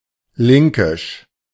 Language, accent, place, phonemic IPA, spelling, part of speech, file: German, Germany, Berlin, /ˈlɪŋkɪʃ/, linkisch, adjective, De-linkisch.ogg
- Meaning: gauche, awkward, bumbling